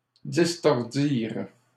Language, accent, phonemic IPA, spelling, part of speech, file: French, Canada, /dis.tɔʁ.diʁ/, distordirent, verb, LL-Q150 (fra)-distordirent.wav
- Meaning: third-person plural past historic of distordre